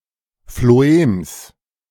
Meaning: genitive singular of Phloem
- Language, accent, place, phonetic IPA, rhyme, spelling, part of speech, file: German, Germany, Berlin, [floˈeːms], -eːms, Phloems, noun, De-Phloems.ogg